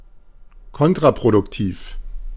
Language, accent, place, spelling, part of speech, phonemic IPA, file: German, Germany, Berlin, kontraproduktiv, adjective, /ˈkɔntʁapʁodʊkˌtiːf/, De-kontraproduktiv.ogg
- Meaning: counterproductive